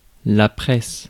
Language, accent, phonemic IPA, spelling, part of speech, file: French, France, /pʁɛs/, presse, noun / verb, Fr-presse.ogg
- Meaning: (noun) 1. press, papers (the media) 2. press (e.g. printing press) 3. haste, hurry, rush; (verb) inflection of presser: first/third-person singular present indicative/subjunctive